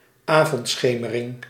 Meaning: dusk, evening twilight
- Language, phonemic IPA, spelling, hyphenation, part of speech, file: Dutch, /ˈaː.vɔntˌsxeː.mə.rɪŋ/, avondschemering, avond‧sche‧me‧ring, noun, Nl-avondschemering.ogg